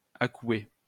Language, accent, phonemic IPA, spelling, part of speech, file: French, France, /a.kwe/, accouer, verb, LL-Q150 (fra)-accouer.wav
- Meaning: to harness horses one behind another